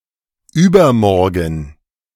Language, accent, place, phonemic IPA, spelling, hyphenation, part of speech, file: German, Germany, Berlin, /ˈyːbɐˌmɔʁɡn̩/, übermorgen, über‧mor‧gen, adverb, De-übermorgen.ogg
- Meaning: overmorrow, the day after tomorrow